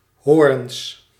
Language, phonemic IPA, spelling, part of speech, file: Dutch, /ˈhoːrᵊns/, hoorns, noun, Nl-hoorns.ogg
- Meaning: plural of hoorn